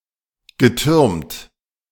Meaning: past participle of türmen
- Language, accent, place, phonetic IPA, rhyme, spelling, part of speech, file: German, Germany, Berlin, [ɡəˈtʏʁmt], -ʏʁmt, getürmt, verb, De-getürmt.ogg